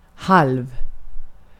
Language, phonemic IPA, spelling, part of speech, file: Swedish, /ˈhalv/, halv, adjective / preposition, Sv-halv.ogg
- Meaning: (adjective) half, ½; with one of two equal parts (50 %)